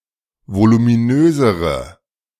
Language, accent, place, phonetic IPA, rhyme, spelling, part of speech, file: German, Germany, Berlin, [volumiˈnøːzəʁə], -øːzəʁə, voluminösere, adjective, De-voluminösere.ogg
- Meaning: inflection of voluminös: 1. strong/mixed nominative/accusative feminine singular comparative degree 2. strong nominative/accusative plural comparative degree